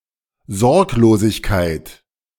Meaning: carelessness, insouciance
- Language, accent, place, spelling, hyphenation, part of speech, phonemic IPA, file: German, Germany, Berlin, Sorglosigkeit, Sorg‧lo‧sig‧keit, noun, /ˈzɔʁkloːzɪçkaɪ̯t/, De-Sorglosigkeit.ogg